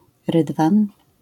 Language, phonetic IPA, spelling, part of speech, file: Polish, [ˈrɨdvãn], rydwan, noun, LL-Q809 (pol)-rydwan.wav